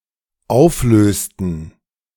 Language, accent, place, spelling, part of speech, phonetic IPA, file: German, Germany, Berlin, auflösten, verb, [ˈaʊ̯fˌløːstn̩], De-auflösten.ogg
- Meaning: inflection of auflösen: 1. first/third-person plural dependent preterite 2. first/third-person plural dependent subjunctive II